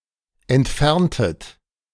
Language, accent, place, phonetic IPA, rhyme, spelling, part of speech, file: German, Germany, Berlin, [ɛntˈfɛʁntət], -ɛʁntət, entferntet, verb, De-entferntet.ogg
- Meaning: inflection of entfernen: 1. second-person plural preterite 2. second-person plural subjunctive II